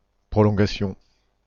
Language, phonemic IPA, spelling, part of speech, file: French, /pʁɔ.lɔ̃.ɡa.sjɔ̃/, prolongation, noun, FR-prolongation.ogg
- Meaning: 1. extension 2. overtime, extra time